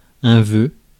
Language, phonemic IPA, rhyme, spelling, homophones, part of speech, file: French, /vø/, -ø, vœu, veut / veux / vœux, noun, Fr-vœu.ogg
- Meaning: 1. vow 2. wish